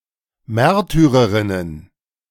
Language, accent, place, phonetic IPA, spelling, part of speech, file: German, Germany, Berlin, [ˈmɛʁtyʁəʁɪnən], Märtyrerinnen, noun, De-Märtyrerinnen.ogg
- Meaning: plural of Märtyrerin